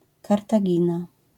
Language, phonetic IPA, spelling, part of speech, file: Polish, [ˌkartaˈɟĩna], Kartagina, proper noun, LL-Q809 (pol)-Kartagina.wav